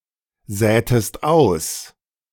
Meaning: inflection of aussäen: 1. second-person singular preterite 2. second-person singular subjunctive II
- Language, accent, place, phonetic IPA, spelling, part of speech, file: German, Germany, Berlin, [ˌzɛːtəst ˈaʊ̯s], sätest aus, verb, De-sätest aus.ogg